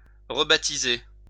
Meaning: to rechristen
- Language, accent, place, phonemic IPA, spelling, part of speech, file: French, France, Lyon, /ʁə.ba.ti.ze/, rebaptiser, verb, LL-Q150 (fra)-rebaptiser.wav